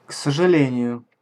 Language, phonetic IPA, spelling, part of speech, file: Russian, [k‿səʐɨˈlʲenʲɪjʊ], к сожалению, adverb, Ru-к сожалению.ogg
- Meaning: unfortunately